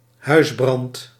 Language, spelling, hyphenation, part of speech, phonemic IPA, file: Dutch, huisbrand, huis‧brand, noun, /ˈɦœy̯s.brɑnt/, Nl-huisbrand.ogg
- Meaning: 1. domestic fuel 2. residential fire, housefire (disastrous fire in a residence)